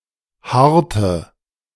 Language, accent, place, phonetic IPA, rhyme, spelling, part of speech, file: German, Germany, Berlin, [ˈhaːɐ̯tə], -aːɐ̯tə, haarte, verb, De-haarte.ogg
- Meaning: inflection of haaren: 1. first/third-person singular preterite 2. first/third-person singular subjunctive II